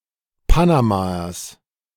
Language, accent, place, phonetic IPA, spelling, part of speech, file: German, Germany, Berlin, [ˈpanamaɐs], Panamaers, noun, De-Panamaers.ogg
- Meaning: genitive singular of Panamaer